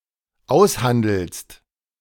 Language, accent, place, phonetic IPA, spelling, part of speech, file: German, Germany, Berlin, [ˈaʊ̯sˌhandl̩st], aushandelst, verb, De-aushandelst.ogg
- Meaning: second-person singular dependent present of aushandeln